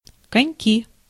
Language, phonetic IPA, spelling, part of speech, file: Russian, [kɐnʲˈkʲi], коньки, noun, Ru-коньки.ogg
- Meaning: 1. skating 2. inflection of конёк (konjók): nominative plural 3. inflection of конёк (konjók): inanimate accusative plural